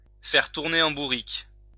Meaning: to drive nuts, to drive crazy, to drive mad
- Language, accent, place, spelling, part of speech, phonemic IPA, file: French, France, Lyon, faire tourner en bourrique, verb, /fɛʁ tuʁ.ne ɑ̃ bu.ʁik/, LL-Q150 (fra)-faire tourner en bourrique.wav